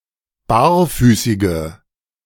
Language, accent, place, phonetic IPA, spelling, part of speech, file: German, Germany, Berlin, [ˈbaːɐ̯ˌfyːsɪɡə], barfüßige, adjective, De-barfüßige.ogg
- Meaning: inflection of barfüßig: 1. strong/mixed nominative/accusative feminine singular 2. strong nominative/accusative plural 3. weak nominative all-gender singular